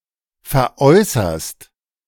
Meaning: second-person singular present of veräußern
- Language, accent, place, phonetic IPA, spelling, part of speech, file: German, Germany, Berlin, [fɛɐ̯ˈʔɔɪ̯sɐst], veräußerst, verb, De-veräußerst.ogg